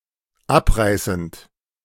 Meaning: present participle of abreißen
- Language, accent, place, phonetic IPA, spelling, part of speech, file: German, Germany, Berlin, [ˈapˌʁaɪ̯sn̩t], abreißend, verb, De-abreißend.ogg